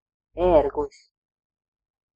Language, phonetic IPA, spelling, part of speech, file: Latvian, [ˈɛ̀ːɾɡlis], ērglis, noun, Lv-ērglis.ogg
- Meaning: eagle (large carnivorous birds in fam. Accipitridae, with hooked bill and keen vision)